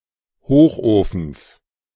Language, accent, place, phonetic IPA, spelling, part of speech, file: German, Germany, Berlin, [ˈhoːxʔoːfn̩s], Hochofens, noun, De-Hochofens.ogg
- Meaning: genitive singular of Hochofen